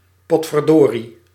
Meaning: dang, darned
- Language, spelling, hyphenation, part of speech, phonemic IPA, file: Dutch, potverdorie, pot‧ver‧do‧rie, interjection, /ˌpɔt.fərˈdoː.ri/, Nl-potverdorie.ogg